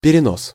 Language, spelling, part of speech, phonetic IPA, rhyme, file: Russian, перенос, noun, [pʲɪrʲɪˈnos], -os, Ru-перенос.ogg
- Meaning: 1. carrying over, transfer 2. word division, hyphenation 3. hyphen 4. slippage, transfer, carry-forward 5. snowdrift